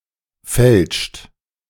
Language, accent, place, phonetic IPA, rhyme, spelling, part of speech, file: German, Germany, Berlin, [fɛlʃt], -ɛlʃt, fälscht, verb, De-fälscht.ogg
- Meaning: inflection of fälschen: 1. second-person plural present 2. third-person singular present 3. plural imperative